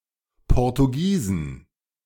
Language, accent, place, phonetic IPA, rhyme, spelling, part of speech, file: German, Germany, Berlin, [ˌpɔʁtuˈɡiːzn̩], -iːzn̩, Portugiesen, noun, De-Portugiesen.ogg
- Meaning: plural of Portugiese